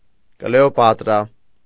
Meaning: Cleopatra
- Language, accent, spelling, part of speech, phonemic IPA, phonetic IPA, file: Armenian, Eastern Armenian, Կլեոպատրա, proper noun, /kleopɑtˈɾɑ/, [kleopɑtɾɑ́], Hy-Կլեոպատրա.ogg